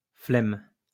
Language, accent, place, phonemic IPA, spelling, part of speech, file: French, France, Lyon, /flɛm/, flemme, noun, LL-Q150 (fra)-flemme.wav
- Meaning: 1. laziness 2. lazy person